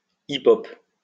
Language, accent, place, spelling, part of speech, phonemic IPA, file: French, France, Lyon, hip-hop, noun, /i.o/, LL-Q150 (fra)-hip-hop.wav
- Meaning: alternative form of hip hop